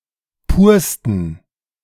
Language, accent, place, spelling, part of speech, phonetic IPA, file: German, Germany, Berlin, pursten, adjective, [ˈpuːɐ̯stn̩], De-pursten.ogg
- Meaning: 1. superlative degree of pur 2. inflection of pur: strong genitive masculine/neuter singular superlative degree 3. inflection of pur: weak/mixed genitive/dative all-gender singular superlative degree